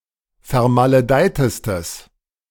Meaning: strong/mixed nominative/accusative neuter singular superlative degree of vermaledeit
- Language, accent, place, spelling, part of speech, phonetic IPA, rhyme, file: German, Germany, Berlin, vermaledeitestes, adjective, [fɛɐ̯maləˈdaɪ̯təstəs], -aɪ̯təstəs, De-vermaledeitestes.ogg